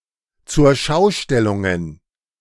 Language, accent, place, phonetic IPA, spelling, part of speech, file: German, Germany, Berlin, [t͡sʊʁˈʃaʊ̯ˌʃtɛlʊŋən], Zurschaustellungen, noun, De-Zurschaustellungen.ogg
- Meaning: plural of Zurschaustellung